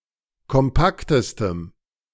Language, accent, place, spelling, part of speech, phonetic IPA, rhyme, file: German, Germany, Berlin, kompaktestem, adjective, [kɔmˈpaktəstəm], -aktəstəm, De-kompaktestem.ogg
- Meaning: strong dative masculine/neuter singular superlative degree of kompakt